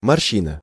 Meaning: wrinkle
- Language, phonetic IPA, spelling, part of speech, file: Russian, [mɐrˈɕːinə], морщина, noun, Ru-морщина.ogg